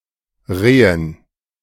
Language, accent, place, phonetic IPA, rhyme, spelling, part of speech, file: German, Germany, Berlin, [ˈʁeːən], -eːən, Rehen, noun, De-Rehen.ogg
- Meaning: dative plural of Reh